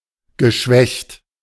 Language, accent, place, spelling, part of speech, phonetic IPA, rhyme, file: German, Germany, Berlin, geschwächt, adjective / verb, [ɡəˈʃvɛçt], -ɛçt, De-geschwächt.ogg
- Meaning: past participle of schwächen